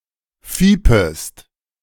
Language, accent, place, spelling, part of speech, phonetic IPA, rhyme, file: German, Germany, Berlin, fiepest, verb, [ˈfiːpəst], -iːpəst, De-fiepest.ogg
- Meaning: second-person singular subjunctive I of fiepen